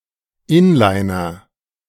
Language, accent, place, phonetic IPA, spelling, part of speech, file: German, Germany, Berlin, [ˈɪnlaɪ̯nɐ], inliner, verb, De-inliner.ogg
- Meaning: inflection of inlinern: 1. first-person singular present 2. singular imperative